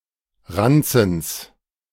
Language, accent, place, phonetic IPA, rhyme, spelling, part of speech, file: German, Germany, Berlin, [ˈʁant͡sn̩s], -ant͡sn̩s, Ranzens, noun, De-Ranzens.ogg
- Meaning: genitive of Ranzen